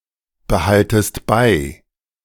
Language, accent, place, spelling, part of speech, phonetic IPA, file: German, Germany, Berlin, behaltest bei, verb, [bəˌhaltəst ˈbaɪ̯], De-behaltest bei.ogg
- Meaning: second-person singular subjunctive I of beibehalten